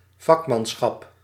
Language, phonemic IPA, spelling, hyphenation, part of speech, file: Dutch, /ˈvɑk.mɑnˌsxɑp/, vakmanschap, vak‧man‧schap, noun, Nl-vakmanschap.ogg
- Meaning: craftsmanship